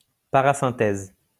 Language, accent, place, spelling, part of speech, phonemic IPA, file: French, France, Lyon, parasynthèse, noun, /pa.ʁa.sɛ̃.tɛz/, LL-Q150 (fra)-parasynthèse.wav
- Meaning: parasynthesis